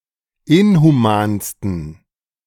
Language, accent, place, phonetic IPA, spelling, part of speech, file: German, Germany, Berlin, [ˈɪnhuˌmaːnstn̩], inhumansten, adjective, De-inhumansten.ogg
- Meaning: 1. superlative degree of inhuman 2. inflection of inhuman: strong genitive masculine/neuter singular superlative degree